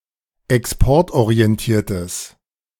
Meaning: strong/mixed nominative/accusative neuter singular of exportorientiert
- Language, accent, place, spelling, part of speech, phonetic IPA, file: German, Germany, Berlin, exportorientiertes, adjective, [ɛksˈpɔʁtʔoʁiɛnˌtiːɐ̯təs], De-exportorientiertes.ogg